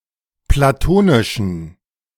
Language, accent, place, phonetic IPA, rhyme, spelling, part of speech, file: German, Germany, Berlin, [plaˈtoːnɪʃn̩], -oːnɪʃn̩, platonischen, adjective, De-platonischen.ogg
- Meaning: inflection of platonisch: 1. strong genitive masculine/neuter singular 2. weak/mixed genitive/dative all-gender singular 3. strong/weak/mixed accusative masculine singular 4. strong dative plural